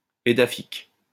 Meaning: edaphic
- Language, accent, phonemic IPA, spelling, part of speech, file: French, France, /e.da.fik/, édaphique, adjective, LL-Q150 (fra)-édaphique.wav